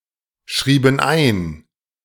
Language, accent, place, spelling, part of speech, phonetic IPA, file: German, Germany, Berlin, schrieben ein, verb, [ˌʃʁiːbn̩ ˈaɪ̯n], De-schrieben ein.ogg
- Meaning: inflection of einschreiben: 1. first/third-person plural preterite 2. first/third-person plural subjunctive II